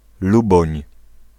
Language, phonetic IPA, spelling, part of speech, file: Polish, [ˈlubɔ̃ɲ], Luboń, proper noun, Pl-Luboń.ogg